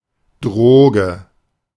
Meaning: 1. drug (psychoactive substance, especially one which is illegal) 2. drug (substance used to treat an illness)
- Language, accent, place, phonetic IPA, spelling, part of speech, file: German, Germany, Berlin, [ˈdʁoːɡə], Droge, noun, De-Droge.ogg